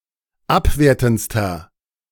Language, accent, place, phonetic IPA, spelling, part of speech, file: German, Germany, Berlin, [ˈapˌveːɐ̯tn̩t͡stɐ], abwertendster, adjective, De-abwertendster.ogg
- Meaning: inflection of abwertend: 1. strong/mixed nominative masculine singular superlative degree 2. strong genitive/dative feminine singular superlative degree 3. strong genitive plural superlative degree